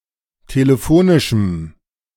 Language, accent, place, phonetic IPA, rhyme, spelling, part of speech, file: German, Germany, Berlin, [teləˈfoːnɪʃm̩], -oːnɪʃm̩, telefonischem, adjective, De-telefonischem.ogg
- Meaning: strong dative masculine/neuter singular of telefonisch